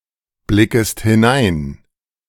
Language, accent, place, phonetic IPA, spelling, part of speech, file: German, Germany, Berlin, [ˌblɪkəst hɪˈnaɪ̯n], blickest hinein, verb, De-blickest hinein.ogg
- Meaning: second-person singular subjunctive I of hineinblicken